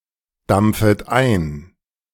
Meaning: second-person plural subjunctive I of eindampfen
- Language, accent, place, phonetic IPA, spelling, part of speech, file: German, Germany, Berlin, [ˌdamp͡fət ˈaɪ̯n], dampfet ein, verb, De-dampfet ein.ogg